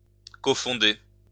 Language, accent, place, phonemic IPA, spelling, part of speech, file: French, France, Lyon, /kɔ.fɔ̃.de/, cofonder, verb, LL-Q150 (fra)-cofonder.wav
- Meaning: to cofound